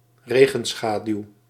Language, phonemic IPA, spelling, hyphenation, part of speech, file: Dutch, /ˈreː.ɣə(n)ˌsxaː.dyu̯/, regenschaduw, re‧gen‧scha‧duw, noun, Nl-regenschaduw.ogg
- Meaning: rain shadow